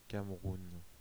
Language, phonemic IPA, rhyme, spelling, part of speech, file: French, /kam.ʁun/, -un, Cameroun, proper noun, Fr-Cameroun.ogg
- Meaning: Cameroon (a country in Central Africa; official name: République du Cameroun; capital: Yaoundé)